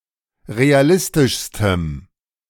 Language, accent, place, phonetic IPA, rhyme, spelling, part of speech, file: German, Germany, Berlin, [ʁeaˈlɪstɪʃstəm], -ɪstɪʃstəm, realistischstem, adjective, De-realistischstem.ogg
- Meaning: strong dative masculine/neuter singular superlative degree of realistisch